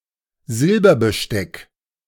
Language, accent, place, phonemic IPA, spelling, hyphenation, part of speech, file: German, Germany, Berlin, /ˈzɪlbɐbəˌʃtɛk/, Silberbesteck, Sil‧ber‧be‧steck, noun, De-Silberbesteck.ogg
- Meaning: silverware; silver cutlery